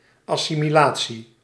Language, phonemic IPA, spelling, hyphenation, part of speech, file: Dutch, /ˌɑ.si.miˈlaː.(t)si/, assimilatie, as‧si‧mi‧la‧tie, noun, Nl-assimilatie.ogg
- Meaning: 1. assimilation, incorporation 2. assimilation (chemical reaction) 3. assimilation (chemical reaction): assimilation of carbon dioxide, photosynthesis